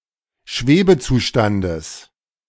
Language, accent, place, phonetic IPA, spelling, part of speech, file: German, Germany, Berlin, [ˈʃveːbəˌt͡suːʃtandəs], Schwebezustandes, noun, De-Schwebezustandes.ogg
- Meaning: genitive of Schwebezustand